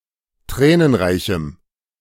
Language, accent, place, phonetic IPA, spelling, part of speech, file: German, Germany, Berlin, [ˈtʁɛːnənˌʁaɪ̯çm̩], tränenreichem, adjective, De-tränenreichem.ogg
- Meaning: strong dative masculine/neuter singular of tränenreich